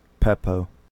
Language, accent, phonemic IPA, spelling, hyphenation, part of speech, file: English, US, /ˈpi.poʊ/, pepo, pe‧po, noun, En-us-pepo.ogg
- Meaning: 1. A fruit of plants of the gourd family Cucurbitaceae, possessing a hard rind and producing many seeds in a single, central, pulpy chamber 2. A plant producing such a fruit